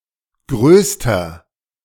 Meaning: inflection of groß: 1. strong/mixed nominative masculine singular superlative degree 2. strong genitive/dative feminine singular superlative degree 3. strong genitive plural superlative degree
- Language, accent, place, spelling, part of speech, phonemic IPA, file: German, Germany, Berlin, größter, adjective, /ˈɡʁøːstɐ/, De-größter.ogg